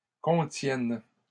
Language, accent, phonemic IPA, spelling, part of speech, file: French, Canada, /kɔ̃.tjɛn/, contienne, verb, LL-Q150 (fra)-contienne.wav
- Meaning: first/third-person singular present subjunctive of contenir